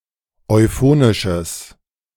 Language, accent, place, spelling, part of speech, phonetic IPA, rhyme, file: German, Germany, Berlin, euphonisches, adjective, [ɔɪ̯ˈfoːnɪʃəs], -oːnɪʃəs, De-euphonisches.ogg
- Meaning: strong/mixed nominative/accusative neuter singular of euphonisch